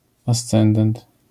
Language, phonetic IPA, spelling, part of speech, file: Polish, [asˈt͡sɛ̃ndɛ̃nt], ascendent, noun, LL-Q809 (pol)-ascendent.wav